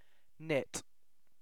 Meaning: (verb) To turn thread or yarn into a piece of fabric by forming loops that are pulled through each other. This can be done by hand with needles or by machine
- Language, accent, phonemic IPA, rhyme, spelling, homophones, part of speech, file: English, Received Pronunciation, /nɪt/, -ɪt, knit, nit / gnit, verb / noun, En-uk-knit.ogg